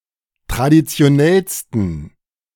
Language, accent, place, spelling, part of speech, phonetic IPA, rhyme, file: German, Germany, Berlin, traditionellsten, adjective, [tʁadit͡si̯oˈnɛlstn̩], -ɛlstn̩, De-traditionellsten.ogg
- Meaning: 1. superlative degree of traditionell 2. inflection of traditionell: strong genitive masculine/neuter singular superlative degree